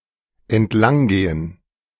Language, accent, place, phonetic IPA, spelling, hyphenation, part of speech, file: German, Germany, Berlin, [ɛntˈlaŋˌɡeːən], entlanggehen, ent‧lang‧ge‧hen, verb, De-entlanggehen.ogg
- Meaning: to walk along